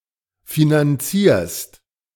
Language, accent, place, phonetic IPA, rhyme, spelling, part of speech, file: German, Germany, Berlin, [finanˈt͡siːɐ̯st], -iːɐ̯st, finanzierst, verb, De-finanzierst.ogg
- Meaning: second-person singular present of finanzieren